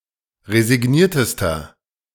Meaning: inflection of resigniert: 1. strong/mixed nominative masculine singular superlative degree 2. strong genitive/dative feminine singular superlative degree 3. strong genitive plural superlative degree
- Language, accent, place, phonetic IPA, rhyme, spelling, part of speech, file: German, Germany, Berlin, [ʁezɪˈɡniːɐ̯təstɐ], -iːɐ̯təstɐ, resigniertester, adjective, De-resigniertester.ogg